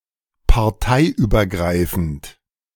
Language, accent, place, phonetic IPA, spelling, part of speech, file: German, Germany, Berlin, [paʁˈtaɪ̯ʔyːbɐˌɡʁaɪ̯fn̩t], parteiübergreifend, adjective, De-parteiübergreifend.ogg
- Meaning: cross-party, crossing party lines